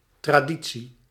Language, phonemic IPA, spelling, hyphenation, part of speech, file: Dutch, /ˌtraːˈdi.(t)si/, traditie, tra‧di‧tie, noun, Nl-traditie.ogg
- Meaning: tradition